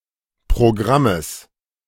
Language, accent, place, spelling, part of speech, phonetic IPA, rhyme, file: German, Germany, Berlin, Programmes, noun, [pʁoˈɡʁaməs], -aməs, De-Programmes.ogg
- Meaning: genitive singular of Programm